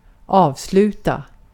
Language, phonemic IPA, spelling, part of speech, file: Swedish, /²ɑːvsˌlʉːta/, avsluta, verb, Sv-avsluta.ogg
- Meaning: to close, cancel (put an end to), terminate